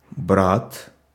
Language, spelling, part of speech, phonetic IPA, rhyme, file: Russian, брат, noun, [brat], -at, Ru-брат.ogg
- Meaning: 1. brother 2. old boy, pal 3. kind, sort